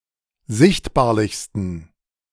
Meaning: 1. superlative degree of sichtbarlich 2. inflection of sichtbarlich: strong genitive masculine/neuter singular superlative degree
- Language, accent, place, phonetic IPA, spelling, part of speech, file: German, Germany, Berlin, [ˈzɪçtbaːɐ̯lɪçstn̩], sichtbarlichsten, adjective, De-sichtbarlichsten.ogg